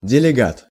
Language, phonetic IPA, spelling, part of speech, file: Russian, [dʲɪlʲɪˈɡat], делегат, noun, Ru-делегат.ogg
- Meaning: delegate, deputy, representative